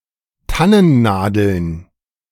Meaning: plural of Tannennadel
- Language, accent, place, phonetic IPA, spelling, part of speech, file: German, Germany, Berlin, [ˈtanənˌnaːdl̩n], Tannennadeln, noun, De-Tannennadeln.ogg